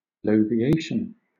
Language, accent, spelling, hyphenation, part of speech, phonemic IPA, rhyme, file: English, Southern England, bloviation, blo‧vi‧at‧ion, noun, /bləʊvɪˈeɪʃən/, -eɪʃən, LL-Q1860 (eng)-bloviation.wav
- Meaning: A boastful or pompous manner of speaking or writing; a lengthy discourse delivered in that manner